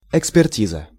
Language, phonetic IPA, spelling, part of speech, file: Russian, [ɪkspʲɪrˈtʲizə], экспертиза, noun, Ru-экспертиза.ogg
- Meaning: 1. expert examination 2. expert advice, expertise